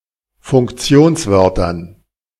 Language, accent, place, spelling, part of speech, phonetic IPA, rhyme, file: German, Germany, Berlin, Funktionswörtern, noun, [fʊŋkˈt͡si̯oːnsˌvœʁtɐn], -oːnsvœʁtɐn, De-Funktionswörtern.ogg
- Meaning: dative plural of Funktionswort